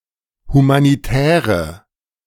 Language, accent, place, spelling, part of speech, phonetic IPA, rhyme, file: German, Germany, Berlin, humanitäre, adjective, [humaniˈtɛːʁə], -ɛːʁə, De-humanitäre.ogg
- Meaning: inflection of humanitär: 1. strong/mixed nominative/accusative feminine singular 2. strong nominative/accusative plural 3. weak nominative all-gender singular